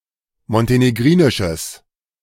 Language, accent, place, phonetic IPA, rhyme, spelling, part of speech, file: German, Germany, Berlin, [mɔnteneˈɡʁiːnɪʃəs], -iːnɪʃəs, montenegrinisches, adjective, De-montenegrinisches.ogg
- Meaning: strong/mixed nominative/accusative neuter singular of montenegrinisch